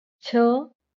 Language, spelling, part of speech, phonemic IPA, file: Marathi, छ, character, /t͡ɕʰə/, LL-Q1571 (mar)-छ.wav
- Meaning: The sixth consonant in Marathi